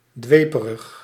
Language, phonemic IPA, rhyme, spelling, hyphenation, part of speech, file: Dutch, /ˈdʋeː.pə.rəx/, -eːpərəx, dweperig, dwe‧pe‧rig, adjective, Nl-dweperig.ogg
- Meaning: fanatical